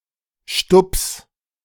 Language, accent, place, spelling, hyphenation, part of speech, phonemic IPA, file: German, Germany, Berlin, Stups, Stups, noun, /ʃtʊps/, De-Stups.ogg
- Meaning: nudge, bop